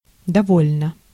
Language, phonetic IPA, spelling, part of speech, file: Russian, [dɐˈvolʲnə], довольно, adverb / adjective, Ru-довольно.ogg
- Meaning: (adverb) 1. enough, sufficient 2. quite, rather, pretty, fairly 3. contentedly; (adjective) 1. it is enough 2. short neuter singular of дово́льный (dovólʹnyj)